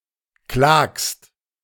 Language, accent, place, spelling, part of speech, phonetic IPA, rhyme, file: German, Germany, Berlin, klagst, verb, [klaːkst], -aːkst, De-klagst.ogg
- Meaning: second-person singular present of klagen